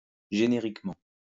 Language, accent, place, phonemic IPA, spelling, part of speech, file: French, France, Lyon, /ʒe.ne.ʁik.mɑ̃/, génériquement, adverb, LL-Q150 (fra)-génériquement.wav
- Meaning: generically